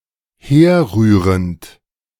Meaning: present participle of herrühren
- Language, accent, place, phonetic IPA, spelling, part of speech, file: German, Germany, Berlin, [ˈheːɐ̯ˌʁyːʁənt], herrührend, verb, De-herrührend.ogg